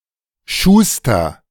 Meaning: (noun) shoemaker, cobbler (of male or unspecified sex); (proper noun) a surname originating as an occupation
- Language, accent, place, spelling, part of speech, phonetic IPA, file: German, Germany, Berlin, Schuster, noun / proper noun, [ˈʃuːstɐ], De-Schuster.ogg